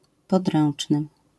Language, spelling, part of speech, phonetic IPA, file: Polish, podręczny, adjective, [pɔdˈrɛ̃n͇t͡ʃnɨ], LL-Q809 (pol)-podręczny.wav